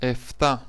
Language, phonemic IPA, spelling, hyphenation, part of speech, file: Greek, /eˈfta/, εφτά, ε‧φτά, numeral, El-εφτά.ogg
- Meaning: alternative spelling of επτά (eptá)